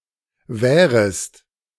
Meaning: second-person singular subjunctive I of währen
- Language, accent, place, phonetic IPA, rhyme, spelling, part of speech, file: German, Germany, Berlin, [ˈvɛːʁəst], -ɛːʁəst, währest, verb, De-währest.ogg